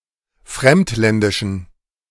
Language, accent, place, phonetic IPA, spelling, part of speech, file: German, Germany, Berlin, [ˈfʁɛmtˌlɛndɪʃn̩], fremdländischen, adjective, De-fremdländischen.ogg
- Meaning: inflection of fremdländisch: 1. strong genitive masculine/neuter singular 2. weak/mixed genitive/dative all-gender singular 3. strong/weak/mixed accusative masculine singular 4. strong dative plural